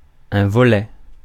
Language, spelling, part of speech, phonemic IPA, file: French, volet, noun, /vɔ.lɛ/, Fr-volet.ogg
- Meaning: 1. shutter 2. flap 3. volet, wing (of a triptych) 4. section, part (of a trilogy, plan, etc.) 5. nenuphar